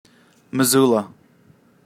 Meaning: A city, the county seat of Missoula County, Montana, United States
- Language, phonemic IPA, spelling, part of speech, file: English, /mɪˈzuːlə/, Missoula, proper noun, Missoula.ogg